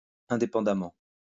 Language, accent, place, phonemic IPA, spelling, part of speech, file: French, France, Lyon, /ɛ̃.de.pɑ̃.da.mɑ̃/, indépendamment, adverb, LL-Q150 (fra)-indépendamment.wav
- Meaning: independently